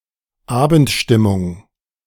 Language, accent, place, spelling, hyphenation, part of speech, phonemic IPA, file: German, Germany, Berlin, Abendstimmung, Abend‧stim‧mung, noun, /ˈaːbəntˌʃtɪmʊŋ/, De-Abendstimmung.ogg
- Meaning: evening mood